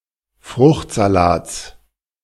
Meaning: genitive singular of Fruchtsalat
- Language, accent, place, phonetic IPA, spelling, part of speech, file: German, Germany, Berlin, [ˈfʁʊxtzaˌlaːt͡s], Fruchtsalats, noun, De-Fruchtsalats.ogg